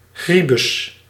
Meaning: 1. prison, clink, slammer 2. rickety building 3. neglected area; poor neighbourhood 4. anything that is old or of inferior quality, especially items 5. creepy person
- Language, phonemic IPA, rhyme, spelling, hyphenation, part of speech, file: Dutch, /ˈɣri.bʏs/, -ibʏs, gribus, gri‧bus, noun, Nl-gribus.ogg